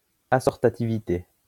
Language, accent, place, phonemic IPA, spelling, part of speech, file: French, France, Lyon, /a.sɔʁ.ta.ti.vi.te/, assortativité, noun, LL-Q150 (fra)-assortativité.wav
- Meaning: assortativity